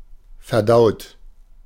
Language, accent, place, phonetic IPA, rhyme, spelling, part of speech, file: German, Germany, Berlin, [fɛɐ̯ˈdaʊ̯t], -aʊ̯t, verdaut, verb, De-verdaut.ogg
- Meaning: 1. past participle of verdauen 2. inflection of verdauen: third-person singular present 3. inflection of verdauen: second-person plural present 4. inflection of verdauen: plural imperative